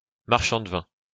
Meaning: 1. Used other than figuratively or idiomatically: see marchand, de, vin; wine merchant 2. marchand de vin sauce
- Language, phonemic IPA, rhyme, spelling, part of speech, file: French, /maʁ.ʃɑ̃ d(ə) vɛ̃/, -ɛ̃, marchand de vin, noun, LL-Q150 (fra)-marchand de vin.wav